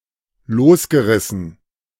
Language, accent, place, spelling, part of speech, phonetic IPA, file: German, Germany, Berlin, losgerissen, verb, [ˈloːsɡəˌʁɪsn̩], De-losgerissen.ogg
- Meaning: past participle of losreißen